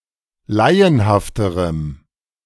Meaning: strong dative masculine/neuter singular comparative degree of laienhaft
- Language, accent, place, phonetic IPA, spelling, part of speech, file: German, Germany, Berlin, [ˈlaɪ̯ənhaftəʁəm], laienhafterem, adjective, De-laienhafterem.ogg